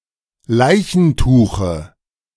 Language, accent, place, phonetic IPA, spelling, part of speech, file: German, Germany, Berlin, [ˈlaɪ̯çn̩ˌtuːxə], Leichentuche, noun, De-Leichentuche.ogg
- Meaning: dative singular of Leichentuch